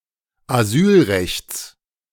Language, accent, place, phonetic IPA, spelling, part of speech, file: German, Germany, Berlin, [aˈzyːlˌʁɛçt͡s], Asylrechts, noun, De-Asylrechts.ogg
- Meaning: genitive singular of Asylrecht